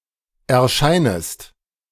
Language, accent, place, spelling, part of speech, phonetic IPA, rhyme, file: German, Germany, Berlin, erscheinest, verb, [ɛɐ̯ˈʃaɪ̯nəst], -aɪ̯nəst, De-erscheinest.ogg
- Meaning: second-person singular subjunctive I of erscheinen